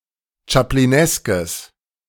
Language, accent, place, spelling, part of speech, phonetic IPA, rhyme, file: German, Germany, Berlin, chaplineskes, adjective, [t͡ʃapliˈnɛskəs], -ɛskəs, De-chaplineskes.ogg
- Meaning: strong/mixed nominative/accusative neuter singular of chaplinesk